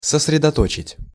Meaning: to concentrate, to focus (transitive)
- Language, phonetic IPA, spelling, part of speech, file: Russian, [səsrʲɪdɐˈtot͡ɕɪtʲ], сосредоточить, verb, Ru-сосредоточить.ogg